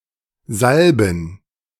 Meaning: 1. gerund of salben 2. plural of Salbe
- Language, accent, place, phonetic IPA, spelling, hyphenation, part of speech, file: German, Germany, Berlin, [ˈzalbm̩], Salben, Sal‧ben, noun, De-Salben.ogg